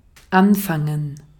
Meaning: 1. to begin; to commence 2. to start 3. to begin, to start 4. to start; to keep talking about 5. to begin something; to start something 6. to put (something) to good use, to do
- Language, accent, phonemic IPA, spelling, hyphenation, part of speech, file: German, Austria, /ˈanˌfaŋən/, anfangen, an‧fan‧gen, verb, De-at-anfangen.ogg